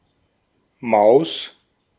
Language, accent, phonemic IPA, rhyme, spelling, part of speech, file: German, Austria, /maʊ̯s/, -aʊ̯s, Maus, noun, De-at-Maus.ogg
- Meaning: 1. mouse (animal) 2. mouse (input device) 3. sweetheart, babe (likable or attractive person, especially a girl or woman since Maus is a feminine word)